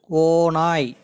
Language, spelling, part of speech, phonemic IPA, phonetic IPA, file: Tamil, ஓநாய், noun, /oːnɑːj/, [oːnäːj], Ta-ஓநாய்.ogg
- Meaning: wolf